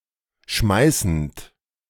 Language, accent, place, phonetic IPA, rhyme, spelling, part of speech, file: German, Germany, Berlin, [ˈʃmaɪ̯sn̩t], -aɪ̯sn̩t, schmeißend, verb, De-schmeißend.ogg
- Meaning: present participle of schmeißen